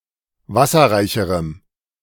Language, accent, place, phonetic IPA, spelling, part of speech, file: German, Germany, Berlin, [ˈvasɐʁaɪ̯çəʁəm], wasserreicherem, adjective, De-wasserreicherem.ogg
- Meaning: strong dative masculine/neuter singular comparative degree of wasserreich